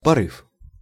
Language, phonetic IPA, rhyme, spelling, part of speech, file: Russian, [pɐˈrɨf], -ɨf, порыв, noun, Ru-порыв.ogg
- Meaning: 1. gust (a strong, abrupt rush of wind) 2. fit (sudden outburst of emotion)